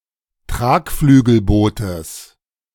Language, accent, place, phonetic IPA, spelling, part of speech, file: German, Germany, Berlin, [ˈtʁaːkflyːɡl̩ˌboːtəs], Tragflügelbootes, noun, De-Tragflügelbootes.ogg
- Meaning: genitive of Tragflügelboot